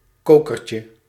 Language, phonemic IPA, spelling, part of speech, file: Dutch, /ˈkokərcə/, kokertje, noun, Nl-kokertje.ogg
- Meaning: diminutive of koker